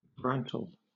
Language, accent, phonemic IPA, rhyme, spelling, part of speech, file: English, Southern England, /ˈbɹæntəl/, -æntəl, brantle, noun, LL-Q1860 (eng)-brantle.wav
- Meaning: Alternative form of branle